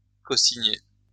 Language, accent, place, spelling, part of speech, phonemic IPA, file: French, France, Lyon, cosigner, verb, /ko.si.ɲe/, LL-Q150 (fra)-cosigner.wav
- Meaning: to cosign